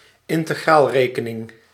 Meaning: 1. the field of calculus dedicated to the study of antiderivatives and integrals 2. the method of calculating antiderivatives and integrals
- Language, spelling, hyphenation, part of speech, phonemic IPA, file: Dutch, integraalrekening, in‧te‧graal‧re‧ke‧ning, noun, /ɪn.təˈɣraːlˌreː.kə.nɪŋ/, Nl-integraalrekening.ogg